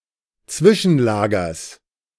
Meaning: genitive singular of Zwischenlager
- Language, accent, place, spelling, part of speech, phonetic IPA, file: German, Germany, Berlin, Zwischenlagers, noun, [ˈt͡svɪʃn̩ˌlaːɡɐs], De-Zwischenlagers.ogg